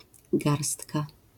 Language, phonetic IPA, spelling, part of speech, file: Polish, [ˈɡarstka], garstka, noun, LL-Q809 (pol)-garstka.wav